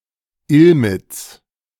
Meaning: a municipality of Burgenland, Austria
- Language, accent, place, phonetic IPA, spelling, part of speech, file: German, Germany, Berlin, [ˈɪlmɪt͡s], Illmitz, proper noun, De-Illmitz.ogg